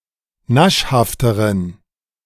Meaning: inflection of naschhaft: 1. strong genitive masculine/neuter singular comparative degree 2. weak/mixed genitive/dative all-gender singular comparative degree
- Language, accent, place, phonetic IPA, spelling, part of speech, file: German, Germany, Berlin, [ˈnaʃhaftəʁən], naschhafteren, adjective, De-naschhafteren.ogg